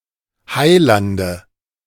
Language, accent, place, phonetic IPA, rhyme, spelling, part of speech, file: German, Germany, Berlin, [ˈhaɪ̯ˌlandə], -aɪ̯landə, Heilande, noun, De-Heilande.ogg
- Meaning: nominative/accusative/genitive plural of Heiland